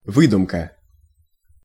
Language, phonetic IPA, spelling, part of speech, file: Russian, [ˈvɨdʊmkə], выдумка, noun, Ru-выдумка.ogg
- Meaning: 1. invention, fiction; fable; fib; tale 2. contrivance 3. fabrication